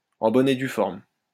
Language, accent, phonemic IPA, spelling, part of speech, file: French, France, /ɑ̃ bɔ.n‿e dy fɔʁm/, en bonne et due forme, prepositional phrase, LL-Q150 (fra)-en bonne et due forme.wav
- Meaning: in due form, in form, by the book, according to Hoyle